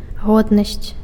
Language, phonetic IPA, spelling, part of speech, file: Belarusian, [ˈɣodnasʲt͡sʲ], годнасць, noun, Be-годнасць.ogg
- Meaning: dignity